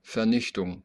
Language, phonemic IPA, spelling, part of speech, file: German, /ˌfɛɐ̯ˈnɪçtʊŋ/, Vernichtung, noun, De-Vernichtung.oga
- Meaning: 1. destruction (the act of destroying) 2. annihilation, extinction (the act of annihilating or state of dying out)